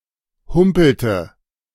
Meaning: inflection of humpeln: 1. first/third-person singular preterite 2. first/third-person singular subjunctive II
- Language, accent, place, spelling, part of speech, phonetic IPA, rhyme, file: German, Germany, Berlin, humpelte, verb, [ˈhʊmpl̩tə], -ʊmpl̩tə, De-humpelte.ogg